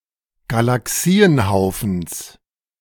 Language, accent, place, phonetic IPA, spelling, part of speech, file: German, Germany, Berlin, [ɡalaˈksiːənˌhaʊ̯fn̩s], Galaxienhaufens, noun, De-Galaxienhaufens.ogg
- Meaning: genitive singular of Galaxienhaufen